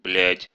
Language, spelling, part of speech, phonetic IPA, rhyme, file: Russian, блядь, noun / interjection, [blʲætʲ], -ætʲ, Ru-блядь.ogg
- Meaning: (noun) 1. whore, slut, prostitute 2. bitch, slut, promiscuous person 3. general-purpose insult; compare shithead, bastard, etc